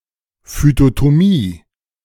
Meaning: phytotomy (dissection or anatomy of plants)
- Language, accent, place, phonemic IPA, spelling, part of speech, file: German, Germany, Berlin, /ˌfytotoˈmiː/, Phytotomie, noun, De-Phytotomie.ogg